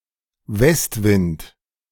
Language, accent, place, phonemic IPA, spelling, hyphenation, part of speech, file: German, Germany, Berlin, /ˈvɛstˌvɪnt/, Westwind, West‧wind, noun, De-Westwind.ogg
- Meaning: west wind